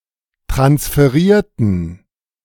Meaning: inflection of transferieren: 1. first/third-person plural preterite 2. first/third-person plural subjunctive II
- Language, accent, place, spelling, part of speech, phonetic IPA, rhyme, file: German, Germany, Berlin, transferierten, adjective / verb, [tʁansfəˈʁiːɐ̯tn̩], -iːɐ̯tn̩, De-transferierten.ogg